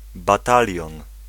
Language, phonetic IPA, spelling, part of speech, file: Polish, [baˈtalʲjɔ̃n], batalion, noun, Pl-batalion.ogg